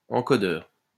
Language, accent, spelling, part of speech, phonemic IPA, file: French, France, encodeur, noun, /ɑ̃.kɔ.dœʁ/, LL-Q150 (fra)-encodeur.wav
- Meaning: encoder (a device to encode a signal)